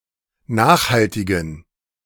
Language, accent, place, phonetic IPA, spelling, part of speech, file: German, Germany, Berlin, [ˈnaːxhaltɪɡn̩], nachhaltigen, adjective, De-nachhaltigen.ogg
- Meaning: inflection of nachhaltig: 1. strong genitive masculine/neuter singular 2. weak/mixed genitive/dative all-gender singular 3. strong/weak/mixed accusative masculine singular 4. strong dative plural